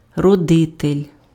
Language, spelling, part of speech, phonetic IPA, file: Ukrainian, родитель, noun, [rɔˈdɪtelʲ], Uk-родитель.ogg
- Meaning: (male) parent, father